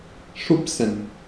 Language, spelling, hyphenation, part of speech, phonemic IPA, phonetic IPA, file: German, schubsen, schub‧sen, verb, /ˈʃʊpsən/, [ˈʃʊpsn̩], De-schubsen.ogg
- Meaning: to shove (to give a rough push, especially to another person)